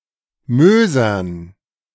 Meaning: dative plural of Moos
- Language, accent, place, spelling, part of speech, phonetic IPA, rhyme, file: German, Germany, Berlin, Mösern, noun, [ˈmøːzɐn], -øːzɐn, De-Mösern.ogg